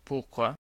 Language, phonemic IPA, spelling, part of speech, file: French, /puʁ.kwa/, pourquoi, adverb, Fr-Pourquoi.ogg
- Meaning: why